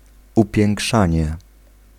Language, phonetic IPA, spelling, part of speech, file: Polish, [ˌupʲjɛ̃ŋˈkʃãɲɛ], upiększanie, noun, Pl-upiększanie.ogg